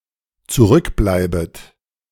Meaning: second-person plural dependent subjunctive I of zurückbleiben
- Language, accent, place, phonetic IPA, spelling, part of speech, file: German, Germany, Berlin, [t͡suˈʁʏkˌblaɪ̯bət], zurückbleibet, verb, De-zurückbleibet.ogg